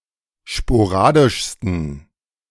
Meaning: 1. superlative degree of sporadisch 2. inflection of sporadisch: strong genitive masculine/neuter singular superlative degree
- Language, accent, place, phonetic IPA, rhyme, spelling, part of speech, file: German, Germany, Berlin, [ʃpoˈʁaːdɪʃstn̩], -aːdɪʃstn̩, sporadischsten, adjective, De-sporadischsten.ogg